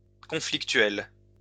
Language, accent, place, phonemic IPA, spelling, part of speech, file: French, France, Lyon, /kɔ̃.flik.tɥɛl/, conflictuel, adjective, LL-Q150 (fra)-conflictuel.wav
- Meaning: confrontational, conflictual